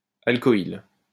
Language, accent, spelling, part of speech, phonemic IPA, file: French, France, alcoyle, noun, /al.kɔ.il/, LL-Q150 (fra)-alcoyle.wav
- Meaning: synonym of alkyle